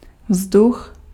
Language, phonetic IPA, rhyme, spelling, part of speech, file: Czech, [ˈvzdux], -ux, vzduch, noun, Cs-vzduch.ogg
- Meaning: air